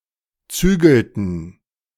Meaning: inflection of zügeln: 1. first/third-person plural preterite 2. first/third-person plural subjunctive II
- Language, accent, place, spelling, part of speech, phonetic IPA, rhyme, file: German, Germany, Berlin, zügelten, verb, [ˈt͡syːɡl̩tn̩], -yːɡl̩tn̩, De-zügelten.ogg